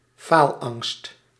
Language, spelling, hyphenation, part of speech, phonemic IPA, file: Dutch, faalangst, faal‧angst, noun, /ˈfaːl.ɑŋst/, Nl-faalangst.ogg
- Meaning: fear of failure, atychiphobia